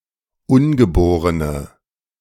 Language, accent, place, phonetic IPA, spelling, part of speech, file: German, Germany, Berlin, [ˈʊnɡəˌboːʁənə], ungeborene, adjective, De-ungeborene.ogg
- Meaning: inflection of ungeboren: 1. strong/mixed nominative/accusative feminine singular 2. strong nominative/accusative plural 3. weak nominative all-gender singular